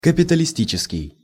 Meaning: capitalist; capitalistic (supporting or endorsing capitalism)
- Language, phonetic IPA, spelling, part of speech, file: Russian, [kəpʲɪtəlʲɪˈsʲtʲit͡ɕɪskʲɪj], капиталистический, adjective, Ru-капиталистический.ogg